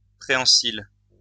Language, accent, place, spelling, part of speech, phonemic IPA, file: French, France, Lyon, préhensile, adjective, /pʁe.ɑ̃.sil/, LL-Q150 (fra)-préhensile.wav
- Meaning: 1. prehensile 2. having the ability to grip or to be gripped